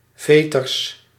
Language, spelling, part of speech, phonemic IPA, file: Dutch, veters, noun, /ˈvetərs/, Nl-veters.ogg
- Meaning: plural of veter